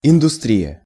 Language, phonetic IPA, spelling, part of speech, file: Russian, [ɪndʊˈstrʲijə], индустрия, noun, Ru-индустрия.ogg
- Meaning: industry